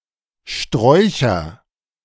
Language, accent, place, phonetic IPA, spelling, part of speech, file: German, Germany, Berlin, [ˈʃtʁɔɪ̯çɐ], Sträucher, noun, De-Sträucher.ogg
- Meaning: nominative/accusative/genitive plural of Strauch